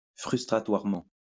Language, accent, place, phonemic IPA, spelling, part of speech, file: French, France, Lyon, /fʁys.tʁa.twaʁ.mɑ̃/, frustratoirement, adverb, LL-Q150 (fra)-frustratoirement.wav
- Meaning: vexatiously